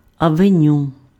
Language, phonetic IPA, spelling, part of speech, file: Ukrainian, [ɐʋeˈnʲu], авеню, noun, Uk-авеню.ogg
- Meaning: avenue